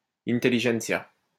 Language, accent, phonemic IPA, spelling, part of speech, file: French, France, /in.te.li.ʒɛnt.sja/, intelligentsia, noun, LL-Q150 (fra)-intelligentsia.wav
- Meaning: intelligentsia